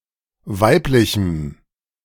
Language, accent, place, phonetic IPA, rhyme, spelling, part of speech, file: German, Germany, Berlin, [ˈvaɪ̯plɪçm̩], -aɪ̯plɪçm̩, weiblichem, adjective, De-weiblichem.ogg
- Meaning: strong dative masculine/neuter singular of weiblich